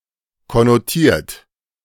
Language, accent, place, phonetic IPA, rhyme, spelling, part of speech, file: German, Germany, Berlin, [kɔnoˈtiːɐ̯t], -iːɐ̯t, konnotiert, verb, De-konnotiert.ogg
- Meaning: 1. past participle of konnotieren 2. inflection of konnotieren: third-person singular present 3. inflection of konnotieren: second-person plural present 4. inflection of konnotieren: plural imperative